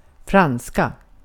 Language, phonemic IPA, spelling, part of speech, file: Swedish, /²franska/, franska, adjective / noun, Sv-franska.ogg
- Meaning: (adjective) inflection of fransk: 1. definite singular 2. plural; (noun) 1. French; a language spoken in e.g. France and parts of Canada 2. a kind of white bread